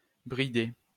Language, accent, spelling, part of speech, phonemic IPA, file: French, France, brider, verb, /bʁi.de/, LL-Q150 (fra)-brider.wav
- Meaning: 1. to bridle; bridle up (attach a bridle to) 2. to curb; control; put on a leash 3. to truss (in cooking, to put string around meat, so it keeps its shape when cooking) 4. to choke (be too tight)